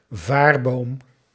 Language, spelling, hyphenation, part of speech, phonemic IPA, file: Dutch, vaarboom, vaar‧boom, noun, /ˈvaːr.boːm/, Nl-vaarboom.ogg
- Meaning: punting pole